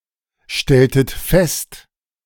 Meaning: inflection of feststellen: 1. second-person plural preterite 2. second-person plural subjunctive II
- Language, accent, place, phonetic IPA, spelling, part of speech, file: German, Germany, Berlin, [ˌʃtɛltət ˈfɛst], stelltet fest, verb, De-stelltet fest.ogg